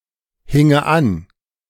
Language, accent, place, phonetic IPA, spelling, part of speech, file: German, Germany, Berlin, [ˌhɪŋə ˈan], hinge an, verb, De-hinge an.ogg
- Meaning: first/third-person singular subjunctive II of anhängen